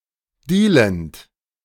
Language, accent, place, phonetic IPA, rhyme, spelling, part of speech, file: German, Germany, Berlin, [ˈdiːlənt], -iːlənt, dealend, verb, De-dealend.ogg
- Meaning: present participle of dealen